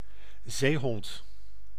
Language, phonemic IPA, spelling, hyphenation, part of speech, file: Dutch, /ˈzeːɦɔnt/, zeehond, zee‧hond, noun, Nl-zeehond.ogg
- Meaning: seal, any member of the family Phocidae